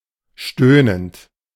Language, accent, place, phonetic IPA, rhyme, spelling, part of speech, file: German, Germany, Berlin, [ˈʃtøːnənt], -øːnənt, stöhnend, verb, De-stöhnend.ogg
- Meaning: present participle of stöhnen